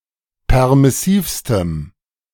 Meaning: strong dative masculine/neuter singular superlative degree of permissiv
- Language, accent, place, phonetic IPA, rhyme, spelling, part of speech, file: German, Germany, Berlin, [ˌpɛʁmɪˈsiːfstəm], -iːfstəm, permissivstem, adjective, De-permissivstem.ogg